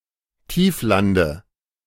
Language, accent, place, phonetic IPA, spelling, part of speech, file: German, Germany, Berlin, [ˈtiːfˌlandə], Tieflande, noun, De-Tieflande.ogg
- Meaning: dative of Tiefland